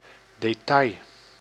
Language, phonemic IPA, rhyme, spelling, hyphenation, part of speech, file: Dutch, /deːˈtɑi̯/, -ɑi̯, detail, de‧tail, noun, Nl-detail.ogg
- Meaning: detail